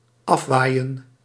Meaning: 1. to be blown off 2. to be blown away 3. to blow away 4. to blow off
- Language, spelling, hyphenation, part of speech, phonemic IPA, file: Dutch, afwaaien, af‧waai‧en, verb, /ˈɑfˌʋaːi̯ə(n)/, Nl-afwaaien.ogg